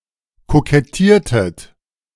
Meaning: inflection of kokettieren: 1. second-person plural preterite 2. second-person plural subjunctive II
- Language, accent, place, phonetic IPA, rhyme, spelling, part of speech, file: German, Germany, Berlin, [kokɛˈtiːɐ̯tət], -iːɐ̯tət, kokettiertet, verb, De-kokettiertet.ogg